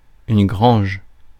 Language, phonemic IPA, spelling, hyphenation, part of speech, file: French, /ɡʁɑ̃ʒ/, grange, grange, noun, Fr-grange.ogg
- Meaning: a barn